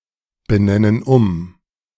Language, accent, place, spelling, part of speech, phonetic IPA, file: German, Germany, Berlin, benennen um, verb, [bəˌnɛnən ˈʊm], De-benennen um.ogg
- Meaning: inflection of umbenennen: 1. first/third-person plural present 2. first/third-person plural subjunctive I